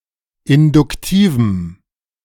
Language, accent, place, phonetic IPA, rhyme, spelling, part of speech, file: German, Germany, Berlin, [ɪndʊkˈtiːvm̩], -iːvm̩, induktivem, adjective, De-induktivem.ogg
- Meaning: strong dative masculine/neuter singular of induktiv